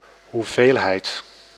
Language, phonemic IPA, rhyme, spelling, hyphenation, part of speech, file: Dutch, /ˌɦuˈveːl.ɦɛi̯t/, -eːlɦɛi̯t, hoeveelheid, hoe‧veel‧heid, noun, Nl-hoeveelheid.ogg
- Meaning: quantity, amount